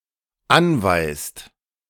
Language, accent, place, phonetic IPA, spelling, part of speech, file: German, Germany, Berlin, [ˈanvaɪ̯st], anweist, verb, De-anweist.ogg
- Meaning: inflection of anweisen: 1. second/third-person singular dependent present 2. second-person plural dependent present